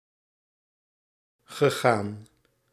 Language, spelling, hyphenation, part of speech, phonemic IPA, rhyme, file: Dutch, gegaan, ge‧gaan, verb, /ɣəˈɣaːn/, -aːn, Nl-gegaan.ogg
- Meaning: past participle of gaan